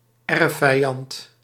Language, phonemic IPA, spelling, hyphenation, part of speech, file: Dutch, /ˈɛr.fɛi̯ˌɑnt/, erfvijand, erf‧vij‧and, noun, Nl-erfvijand.ogg
- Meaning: historical, inherited or sworn enemy